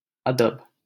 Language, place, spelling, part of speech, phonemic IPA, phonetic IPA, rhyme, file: Hindi, Delhi, अदब, noun, /ə.d̪əb/, [ɐ.d̪ɐb], -əb, LL-Q1568 (hin)-अदब.wav
- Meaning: politeness, respect; etiquette